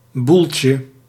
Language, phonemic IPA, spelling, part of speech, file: Dutch, /ˈbulcə/, boeltje, noun, Nl-boeltje.ogg
- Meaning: diminutive of boel